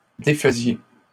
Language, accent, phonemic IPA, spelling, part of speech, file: French, Canada, /de.fə.zje/, défaisiez, verb, LL-Q150 (fra)-défaisiez.wav
- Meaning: inflection of défaire: 1. second-person plural imperfect indicative 2. second-person plural present subjunctive